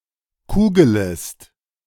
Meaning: second-person singular subjunctive I of kugeln
- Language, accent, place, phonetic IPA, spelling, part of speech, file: German, Germany, Berlin, [ˈkuːɡələst], kugelest, verb, De-kugelest.ogg